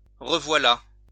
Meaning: here (something is) again
- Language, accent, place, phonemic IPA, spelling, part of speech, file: French, France, Lyon, /ʁə.vwa.la/, revoilà, verb, LL-Q150 (fra)-revoilà.wav